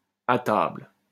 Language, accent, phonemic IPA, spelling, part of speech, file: French, France, /a tabl/, à table, phrase, LL-Q150 (fra)-à table.wav
- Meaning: dinner's ready!